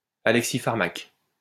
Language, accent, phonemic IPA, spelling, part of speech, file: French, France, /a.lɛk.si.faʁ.mak/, alexipharmaque, adjective / noun, LL-Q150 (fra)-alexipharmaque.wav
- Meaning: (adjective) capable of counteracting a poison; antidotal, alexipharmic; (noun) a substance capable of reverting the affects of a poison; antidote